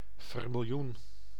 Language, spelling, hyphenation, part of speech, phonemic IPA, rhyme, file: Dutch, vermiljoen, ver‧mil‧joen, noun / adjective, /ˌvɛr.mɪlˈjun/, -un, Nl-vermiljoen.ogg
- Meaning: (noun) vermilion (orange-red colour; pigment or dye of this colour); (adjective) vermilion